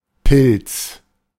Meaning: 1. mushroom 2. fungus
- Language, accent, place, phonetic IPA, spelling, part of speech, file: German, Germany, Berlin, [pɪls], Pilz, noun, De-Pilz.ogg